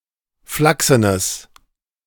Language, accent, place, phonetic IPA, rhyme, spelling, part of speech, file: German, Germany, Berlin, [ˈflaksənəs], -aksənəs, flachsenes, adjective, De-flachsenes.ogg
- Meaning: strong/mixed nominative/accusative neuter singular of flachsen